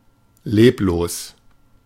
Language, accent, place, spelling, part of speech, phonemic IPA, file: German, Germany, Berlin, leblos, adjective, /ˈleːploːs/, De-leblos.ogg
- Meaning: lifeless